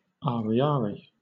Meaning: The currency of Madagascar
- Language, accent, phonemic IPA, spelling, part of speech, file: English, Southern England, /ɑːɹiˈɑːɹi/, ariary, noun, LL-Q1860 (eng)-ariary.wav